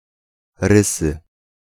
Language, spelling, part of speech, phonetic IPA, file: Polish, Rysy, proper noun, [ˈrɨsɨ], Pl-Rysy.ogg